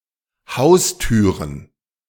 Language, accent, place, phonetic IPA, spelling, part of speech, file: German, Germany, Berlin, [ˈhaʊ̯sˌtyːʁən], Haustüren, noun, De-Haustüren.ogg
- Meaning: plural of Haustür